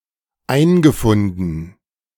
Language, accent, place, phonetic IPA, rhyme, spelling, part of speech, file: German, Germany, Berlin, [ˈaɪ̯nɡəˌfʊndn̩], -aɪ̯nɡəfʊndn̩, eingefunden, verb, De-eingefunden.ogg
- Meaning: past participle of einfinden